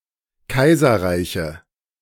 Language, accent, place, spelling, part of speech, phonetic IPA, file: German, Germany, Berlin, Kaiserreiche, noun, [ˈkaɪ̯zɐˌʁaɪ̯çə], De-Kaiserreiche.ogg
- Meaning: nominative/accusative/genitive plural of Kaiserreich